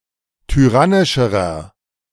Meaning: inflection of tyrannisch: 1. strong/mixed nominative masculine singular comparative degree 2. strong genitive/dative feminine singular comparative degree 3. strong genitive plural comparative degree
- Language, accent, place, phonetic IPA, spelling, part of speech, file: German, Germany, Berlin, [tyˈʁanɪʃəʁɐ], tyrannischerer, adjective, De-tyrannischerer.ogg